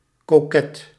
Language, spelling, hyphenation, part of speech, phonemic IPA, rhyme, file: Dutch, koket, ko‧ket, adjective, /koːˈkɛt/, -ɛt, Nl-koket.ogg
- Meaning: coquettish